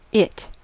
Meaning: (pronoun) The third-person singular neuter personal pronoun used to refer to an inanimate object, abstract entity, or non-human living thing
- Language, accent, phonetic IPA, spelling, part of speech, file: English, US, [ɪʔ], it, pronoun / determiner / noun / adjective, En-us-it.ogg